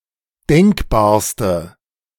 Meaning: inflection of denkbar: 1. strong/mixed nominative/accusative feminine singular superlative degree 2. strong nominative/accusative plural superlative degree
- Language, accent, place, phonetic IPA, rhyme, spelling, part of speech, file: German, Germany, Berlin, [ˈdɛŋkbaːɐ̯stə], -ɛŋkbaːɐ̯stə, denkbarste, adjective, De-denkbarste.ogg